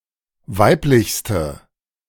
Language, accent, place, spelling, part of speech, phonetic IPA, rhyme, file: German, Germany, Berlin, weiblichste, adjective, [ˈvaɪ̯plɪçstə], -aɪ̯plɪçstə, De-weiblichste.ogg
- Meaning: inflection of weiblich: 1. strong/mixed nominative/accusative feminine singular superlative degree 2. strong nominative/accusative plural superlative degree